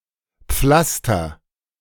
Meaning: inflection of pflastern: 1. first-person singular present 2. singular imperative
- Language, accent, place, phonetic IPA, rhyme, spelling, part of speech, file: German, Germany, Berlin, [ˈp͡flastɐ], -astɐ, pflaster, verb, De-pflaster.ogg